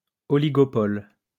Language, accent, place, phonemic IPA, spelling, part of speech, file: French, France, Lyon, /ɔ.li.ɡɔ.pɔl/, oligopole, noun, LL-Q150 (fra)-oligopole.wav
- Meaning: oligopoly